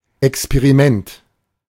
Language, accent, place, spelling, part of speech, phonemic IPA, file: German, Germany, Berlin, Experiment, noun, /ɛkspeʁiˈmɛnt/, De-Experiment.ogg
- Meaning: experiment